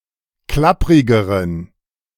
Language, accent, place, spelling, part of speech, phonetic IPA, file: German, Germany, Berlin, klapprigeren, adjective, [ˈklapʁɪɡəʁən], De-klapprigeren.ogg
- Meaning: inflection of klapprig: 1. strong genitive masculine/neuter singular comparative degree 2. weak/mixed genitive/dative all-gender singular comparative degree